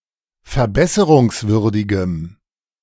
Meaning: strong dative masculine/neuter singular of verbesserungswürdig
- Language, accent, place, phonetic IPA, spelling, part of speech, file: German, Germany, Berlin, [fɛɐ̯ˈbɛsəʁʊŋsˌvʏʁdɪɡəm], verbesserungswürdigem, adjective, De-verbesserungswürdigem.ogg